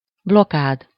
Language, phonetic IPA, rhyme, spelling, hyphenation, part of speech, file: Hungarian, [ˈblokaːd], -aːd, blokád, blo‧kád, noun, Hu-blokád.ogg
- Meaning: blockade (the isolation of something)